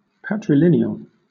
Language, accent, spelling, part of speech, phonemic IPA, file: English, Southern England, patrilineal, adjective, /patɹɪˈlɪnɪəl/, LL-Q1860 (eng)-patrilineal.wav
- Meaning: Pertaining to descent through male lines